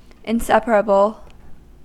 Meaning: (adjective) Unable to be separated; bound together permanently; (noun) Something that cannot be separated from something else
- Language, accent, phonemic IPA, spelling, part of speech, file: English, US, /inˈsɛ.p(ə).ɹə.bl/, inseparable, adjective / noun, En-us-inseparable.ogg